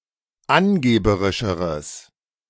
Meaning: strong/mixed nominative/accusative neuter singular comparative degree of angeberisch
- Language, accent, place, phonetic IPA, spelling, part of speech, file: German, Germany, Berlin, [ˈanˌɡeːbəʁɪʃəʁəs], angeberischeres, adjective, De-angeberischeres.ogg